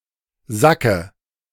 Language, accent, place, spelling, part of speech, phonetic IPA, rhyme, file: German, Germany, Berlin, Sacke, noun, [ˈzakə], -akə, De-Sacke.ogg
- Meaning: dative of Sack